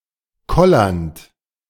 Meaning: present participle of kollern
- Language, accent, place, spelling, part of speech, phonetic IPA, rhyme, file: German, Germany, Berlin, kollernd, verb, [ˈkɔlɐnt], -ɔlɐnt, De-kollernd.ogg